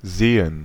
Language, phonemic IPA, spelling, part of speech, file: German, /ˈzeː.ən/, Seen, noun, De-Seen.ogg
- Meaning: plural of See